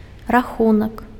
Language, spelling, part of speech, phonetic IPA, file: Belarusian, рахунак, noun, [raˈxunak], Be-рахунак.ogg
- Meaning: 1. count 2. account 3. bill, invoice 4. score